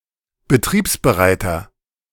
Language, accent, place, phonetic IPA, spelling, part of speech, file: German, Germany, Berlin, [bəˈtʁiːpsbəˌʁaɪ̯tɐ], betriebsbereiter, adjective, De-betriebsbereiter.ogg
- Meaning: inflection of betriebsbereit: 1. strong/mixed nominative masculine singular 2. strong genitive/dative feminine singular 3. strong genitive plural